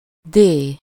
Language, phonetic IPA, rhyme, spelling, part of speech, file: Hungarian, [ˈdeː], -deː, dé, noun, Hu-dé.ogg
- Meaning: The name of the Latin script letter D/d